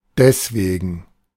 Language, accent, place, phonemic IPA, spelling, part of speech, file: German, Germany, Berlin, /ˈdɛsˈveːɡn̩/, deswegen, adverb, De-deswegen.ogg
- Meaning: therefore, because of that